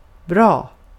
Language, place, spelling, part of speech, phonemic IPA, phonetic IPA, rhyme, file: Swedish, Gotland, bra, adjective / adverb, /brɑː/, [brɒ̜ː], -ɑː, Sv-bra.ogg
- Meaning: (adjective) 1. good (having pleasing or suitable qualities) 2. healthy or recovered (from an illness or injury or the like), well 3. quite large in extent or degree, good, goodly; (adverb) well